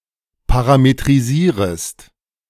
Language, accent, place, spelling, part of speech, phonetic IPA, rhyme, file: German, Germany, Berlin, parametrisierest, verb, [ˌpaʁametʁiˈziːʁəst], -iːʁəst, De-parametrisierest.ogg
- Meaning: second-person singular subjunctive I of parametrisieren